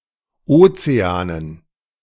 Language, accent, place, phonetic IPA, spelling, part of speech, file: German, Germany, Berlin, [ˈoːt͡seaːnən], Ozeanen, noun, De-Ozeanen.ogg
- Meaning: dative plural of Ozean